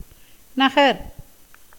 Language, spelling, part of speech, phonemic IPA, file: Tamil, நகர், verb / noun, /nɐɡɐɾ/, Ta-நகர்.ogg
- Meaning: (verb) 1. to move, shift (position) 2. to crawl, as a baby 3. to creep, as a reptile; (noun) 1. town, city 2. house, abode, mansion 3. palace 4. temple, sacred shrine 5. dais for performing ceremonies